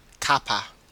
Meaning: 1. A cup of tea (or sometimes any hot drink) 2. Whatever interests or suits one; one's cup of tea 3. Pronunciation spelling of cup of
- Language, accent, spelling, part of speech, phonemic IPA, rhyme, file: English, Australia, cuppa, noun, /ˈkʌp.ə/, -ʌpə, En-au-cuppa.ogg